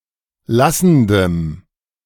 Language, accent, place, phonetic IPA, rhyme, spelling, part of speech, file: German, Germany, Berlin, [ˈlasn̩dəm], -asn̩dəm, lassendem, adjective, De-lassendem.ogg
- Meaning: strong dative masculine/neuter singular of lassend